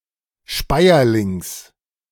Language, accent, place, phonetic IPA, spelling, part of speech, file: German, Germany, Berlin, [ˈʃpaɪ̯ɐlɪŋs], Speierlings, noun, De-Speierlings.ogg
- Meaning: genitive of Speierling